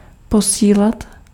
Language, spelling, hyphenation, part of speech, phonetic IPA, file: Czech, posílat, po‧sí‧lat, verb, [ˈposiːlat], Cs-posílat.ogg
- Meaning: to send [with accusative ‘’] and